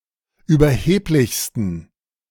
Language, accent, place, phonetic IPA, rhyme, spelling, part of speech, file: German, Germany, Berlin, [yːbɐˈheːplɪçstn̩], -eːplɪçstn̩, überheblichsten, adjective, De-überheblichsten.ogg
- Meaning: 1. superlative degree of überheblich 2. inflection of überheblich: strong genitive masculine/neuter singular superlative degree